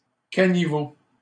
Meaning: gutter
- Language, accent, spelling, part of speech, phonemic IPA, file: French, Canada, caniveau, noun, /ka.ni.vo/, LL-Q150 (fra)-caniveau.wav